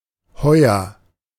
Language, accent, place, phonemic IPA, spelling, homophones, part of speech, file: German, Germany, Berlin, /ˈhɔʏ̯ɐ/, Heuer, heuer, noun, De-Heuer.ogg
- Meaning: pay (of a seaman)